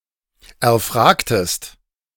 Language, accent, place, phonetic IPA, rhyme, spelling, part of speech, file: German, Germany, Berlin, [ɛɐ̯ˈfʁaːktəst], -aːktəst, erfragtest, verb, De-erfragtest.ogg
- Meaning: inflection of erfragen: 1. second-person singular preterite 2. second-person singular subjunctive II